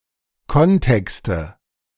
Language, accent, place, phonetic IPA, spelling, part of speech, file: German, Germany, Berlin, [ˈkɔnˌtɛkstə], Kontexte, noun, De-Kontexte.ogg
- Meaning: nominative/accusative/genitive plural of Kontext